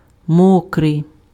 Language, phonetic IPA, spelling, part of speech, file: Ukrainian, [ˈmɔkrei̯], мокрий, adjective, Uk-мокрий.ogg
- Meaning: 1. wet 2. sloppy